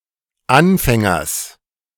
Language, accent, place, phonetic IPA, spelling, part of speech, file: German, Germany, Berlin, [ˈanˌfɛŋɐs], Anfängers, noun, De-Anfängers.ogg
- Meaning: genitive singular of Anfänger